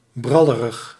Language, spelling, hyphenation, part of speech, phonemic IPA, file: Dutch, brallerig, bral‧le‧rig, adjective, /ˈbrɑ.lə.rəx/, Nl-brallerig.ogg
- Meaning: boastful, bloviating